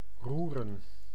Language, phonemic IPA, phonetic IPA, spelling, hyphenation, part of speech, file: Dutch, /ˈrurə(n)/, [ˈruːrə(n)], roeren, roe‧ren, verb / noun, Nl-roeren.ogg
- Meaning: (verb) 1. to stir, scramble 2. to move, budge 3. touch, move (to cause emotion) 4. to play an instrument; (noun) plural of roer